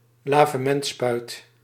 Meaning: enema syringe
- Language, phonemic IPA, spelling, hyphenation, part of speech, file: Dutch, /ˈlaː.və.mɛntˌspœy̯t/, lavementspuit, la‧ve‧ment‧spuit, noun, Nl-lavementspuit.ogg